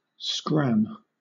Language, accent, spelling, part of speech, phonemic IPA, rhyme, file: English, Southern England, scram, verb / noun, /skɹæm/, -æm, LL-Q1860 (eng)-scram.wav
- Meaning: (verb) To leave in a hurry; to go away; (noun) A gun, firearm; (verb) To shut down (a nuclear reactor or, by extension, some other thing) for safety reasons, usually because of an emergency